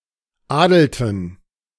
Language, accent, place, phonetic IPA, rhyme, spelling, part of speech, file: German, Germany, Berlin, [ˈaːdl̩tn̩], -aːdl̩tn̩, adelten, verb, De-adelten.ogg
- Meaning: inflection of adeln: 1. first/third-person plural preterite 2. first/third-person plural subjunctive II